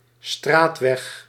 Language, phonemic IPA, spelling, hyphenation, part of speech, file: Dutch, /ˈstraːt.ʋɛx/, straatweg, straat‧weg, noun, Nl-straatweg.ogg
- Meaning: a paved road (usually found in certain street names or landmarks)